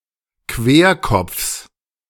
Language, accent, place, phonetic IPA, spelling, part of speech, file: German, Germany, Berlin, [ˈkveːɐ̯ˌkɔp͡fs], Querkopfs, noun, De-Querkopfs.ogg
- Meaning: genitive singular of Querkopf